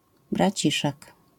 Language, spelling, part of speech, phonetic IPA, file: Polish, braciszek, noun, [braˈt͡ɕiʃɛk], LL-Q809 (pol)-braciszek.wav